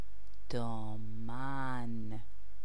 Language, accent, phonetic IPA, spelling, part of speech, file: Persian, Iran, [d̪ɒː.mæn], دامن, noun, Fa-دامن.ogg
- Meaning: skirt